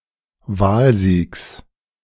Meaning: genitive singular of Wahlsieg
- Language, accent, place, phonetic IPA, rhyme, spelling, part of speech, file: German, Germany, Berlin, [ˈvaːlˌziːks], -aːlziːks, Wahlsiegs, noun, De-Wahlsiegs.ogg